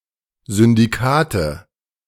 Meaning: nominative/accusative/genitive plural of Syndikat
- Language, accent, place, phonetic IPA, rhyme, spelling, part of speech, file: German, Germany, Berlin, [zʏndiˈkaːtə], -aːtə, Syndikate, noun, De-Syndikate.ogg